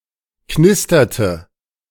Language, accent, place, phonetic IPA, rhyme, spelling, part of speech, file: German, Germany, Berlin, [ˈknɪstɐtə], -ɪstɐtə, knisterte, verb, De-knisterte.ogg
- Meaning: inflection of knistern: 1. first/third-person singular preterite 2. first/third-person singular subjunctive II